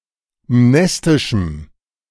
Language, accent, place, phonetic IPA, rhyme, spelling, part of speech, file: German, Germany, Berlin, [ˈmnɛstɪʃm̩], -ɛstɪʃm̩, mnestischem, adjective, De-mnestischem.ogg
- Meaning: strong dative masculine/neuter singular of mnestisch